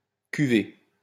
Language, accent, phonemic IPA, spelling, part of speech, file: French, France, /ky.ve/, cuver, verb, LL-Q150 (fra)-cuver.wav
- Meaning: 1. to ferment 2. to sleep off (especially of alcohol) 3. to sleep or rest after drinking 4. to calm 5. to lie around, laze about